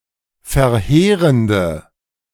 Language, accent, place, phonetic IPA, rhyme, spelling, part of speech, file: German, Germany, Berlin, [fɛɐ̯ˈheːʁəndə], -eːʁəndə, verheerende, adjective, De-verheerende.ogg
- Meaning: inflection of verheerend: 1. strong/mixed nominative/accusative feminine singular 2. strong nominative/accusative plural 3. weak nominative all-gender singular